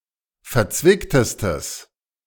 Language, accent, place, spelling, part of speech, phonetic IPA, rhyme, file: German, Germany, Berlin, verzwicktestes, adjective, [fɛɐ̯ˈt͡svɪktəstəs], -ɪktəstəs, De-verzwicktestes.ogg
- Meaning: strong/mixed nominative/accusative neuter singular superlative degree of verzwickt